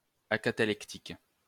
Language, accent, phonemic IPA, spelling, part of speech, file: French, France, /a.ka.ta.lɛk.tik/, acatalectique, adjective, LL-Q150 (fra)-acatalectique.wav
- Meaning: acatalectic